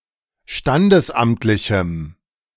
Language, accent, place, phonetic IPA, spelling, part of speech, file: German, Germany, Berlin, [ˈʃtandəsˌʔamtlɪçm̩], standesamtlichem, adjective, De-standesamtlichem.ogg
- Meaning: strong dative masculine/neuter singular of standesamtlich